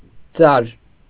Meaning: 1. hair 2. horsehair from the mane and tail
- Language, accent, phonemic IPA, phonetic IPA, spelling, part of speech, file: Armenian, Eastern Armenian, /d͡zɑɾ/, [d͡zɑɾ], ձար, noun, Hy-ձար.ogg